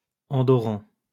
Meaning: Andorran
- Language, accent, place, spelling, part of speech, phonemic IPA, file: French, France, Lyon, Andorran, noun, /ɑ̃.dɔ.ʁɑ̃/, LL-Q150 (fra)-Andorran.wav